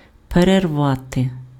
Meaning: 1. to break, to tear, to rend 2. to interrupt, to break off, to discontinue
- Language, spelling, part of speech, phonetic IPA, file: Ukrainian, перервати, verb, [pererˈʋate], Uk-перервати.ogg